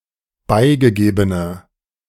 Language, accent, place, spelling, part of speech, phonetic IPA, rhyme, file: German, Germany, Berlin, beigegebener, adjective, [ˈbaɪ̯ɡəˌɡeːbənɐ], -aɪ̯ɡəɡeːbənɐ, De-beigegebener.ogg
- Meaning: inflection of beigegeben: 1. strong/mixed nominative masculine singular 2. strong genitive/dative feminine singular 3. strong genitive plural